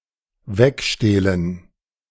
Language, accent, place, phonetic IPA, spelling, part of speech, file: German, Germany, Berlin, [ˈvɛkˌʃteːlən], wegstehlen, verb, De-wegstehlen.ogg
- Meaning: to slip away